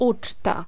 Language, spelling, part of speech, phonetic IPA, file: Polish, uczta, noun, [ˈut͡ʃta], Pl-uczta.ogg